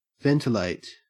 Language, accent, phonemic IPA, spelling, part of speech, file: English, Australia, /ˈvɛntɪleɪt/, ventilate, verb, En-au-ventilate.ogg
- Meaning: 1. To replace stale or noxious air with fresh 2. To circulate air through a building, etc 3. To provide with a vent 4. To expose something to the circulation of fresh air